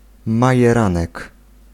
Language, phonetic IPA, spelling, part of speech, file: Polish, [ˌmajɛˈrãnɛk], majeranek, noun, Pl-majeranek.ogg